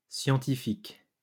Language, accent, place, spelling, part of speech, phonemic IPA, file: French, France, Lyon, scientifiques, adjective, /sjɑ̃.ti.fik/, LL-Q150 (fra)-scientifiques.wav
- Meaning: plural of scientifique